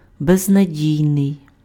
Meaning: hopeless
- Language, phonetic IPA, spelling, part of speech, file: Ukrainian, [beznɐˈdʲii̯nei̯], безнадійний, adjective, Uk-безнадійний.ogg